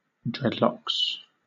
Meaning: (noun) A hairstyle worn by Rastafarians and others in which the hair is left to grow long, and twisted into matted strings; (verb) third-person singular simple present indicative of dreadlock
- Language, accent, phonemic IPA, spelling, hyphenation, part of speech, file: English, Southern England, /ˈdɹɛdlɒks/, dreadlocks, dread‧locks, noun / verb, LL-Q1860 (eng)-dreadlocks.wav